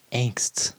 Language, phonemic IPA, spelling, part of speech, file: English, /æŋ(k)sts/, angsts, verb, En-us-angsts.ogg
- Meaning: third-person singular simple present indicative of angst